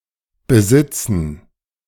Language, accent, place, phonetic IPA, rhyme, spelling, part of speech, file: German, Germany, Berlin, [bəˈzɪt͡sn̩], -ɪt͡sn̩, Besitzen, noun, De-Besitzen.ogg
- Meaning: plural of Besitz